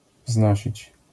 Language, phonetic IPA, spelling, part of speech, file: Polish, [ˈvznɔɕit͡ɕ], wznosić, verb, LL-Q809 (pol)-wznosić.wav